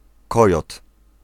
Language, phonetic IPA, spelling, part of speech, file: Polish, [ˈkɔjɔt], kojot, noun, Pl-kojot.ogg